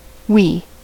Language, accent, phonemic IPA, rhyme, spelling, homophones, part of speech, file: English, US, /wiː/, -iː, wee, oui / we / Wii, adjective / noun / verb / pronoun / interjection, En-us-wee.ogg
- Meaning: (adjective) Small, little; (noun) 1. A short time or short distance 2. Urine 3. An act of urination; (verb) To urinate; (pronoun) obsolete emphatic of we; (interjection) Alternative form of whee